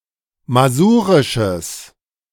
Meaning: strong/mixed nominative/accusative neuter singular of masurisch
- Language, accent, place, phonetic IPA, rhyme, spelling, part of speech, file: German, Germany, Berlin, [maˈzuːʁɪʃəs], -uːʁɪʃəs, masurisches, adjective, De-masurisches.ogg